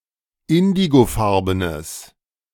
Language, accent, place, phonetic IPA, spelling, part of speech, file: German, Germany, Berlin, [ˈɪndiɡoˌfaʁbənəs], indigofarbenes, adjective, De-indigofarbenes.ogg
- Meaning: strong/mixed nominative/accusative neuter singular of indigofarben